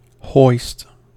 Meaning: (verb) To raise; to lift; to elevate (especially, to raise or lift to a desired elevation, by means of tackle or pulley, said of a sail, a flag, a heavy package or weight)
- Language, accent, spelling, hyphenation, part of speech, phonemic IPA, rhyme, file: English, US, hoist, hoist, verb / noun, /hɔɪst/, -ɔɪst, En-us-hoist.ogg